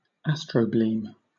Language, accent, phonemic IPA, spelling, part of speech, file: English, Southern England, /ˈæs.tɹəʊ.bliːm/, astrobleme, noun, LL-Q1860 (eng)-astrobleme.wav
- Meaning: A pit-like structure created by an impacting meteoroid, asteroid or comet